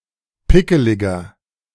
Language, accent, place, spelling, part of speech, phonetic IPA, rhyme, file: German, Germany, Berlin, pickeliger, adjective, [ˈpɪkəlɪɡɐ], -ɪkəlɪɡɐ, De-pickeliger.ogg
- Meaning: 1. comparative degree of pickelig 2. inflection of pickelig: strong/mixed nominative masculine singular 3. inflection of pickelig: strong genitive/dative feminine singular